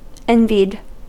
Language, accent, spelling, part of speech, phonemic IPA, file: English, US, envied, verb / adjective, /ˈɛnvid/, En-us-envied.ogg
- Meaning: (verb) simple past and past participle of envy; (adjective) That is the object of envy